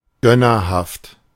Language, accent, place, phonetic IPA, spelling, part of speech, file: German, Germany, Berlin, [ˈɡœnɐhaft], gönnerhaft, adjective, De-gönnerhaft.ogg
- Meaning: condescending, patronizing